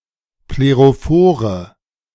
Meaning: inflection of plerophor: 1. strong/mixed nominative/accusative feminine singular 2. strong nominative/accusative plural 3. weak nominative all-gender singular
- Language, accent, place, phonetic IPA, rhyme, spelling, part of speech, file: German, Germany, Berlin, [pleʁoˈfoːʁə], -oːʁə, plerophore, adjective, De-plerophore.ogg